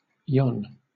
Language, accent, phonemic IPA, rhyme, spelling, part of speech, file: English, Southern England, /jɒn/, -ɒn, yon, determiner / adverb / pronoun, LL-Q1860 (eng)-yon.wav
- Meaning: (determiner) Distant, but within sight; (that thing) just over there; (adverb) yonder; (pronoun) That one or those over there